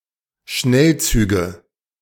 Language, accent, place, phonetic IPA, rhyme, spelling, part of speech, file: German, Germany, Berlin, [ˈʃnɛlˌt͡syːɡə], -ɛlt͡syːɡə, Schnellzüge, noun, De-Schnellzüge.ogg
- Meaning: nominative/accusative/genitive plural of Schnellzug